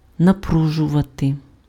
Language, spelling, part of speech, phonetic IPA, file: Ukrainian, напружувати, verb, [nɐˈpruʒʊʋɐte], Uk-напружувати.ogg
- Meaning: to strain, to tense, to exert, to tax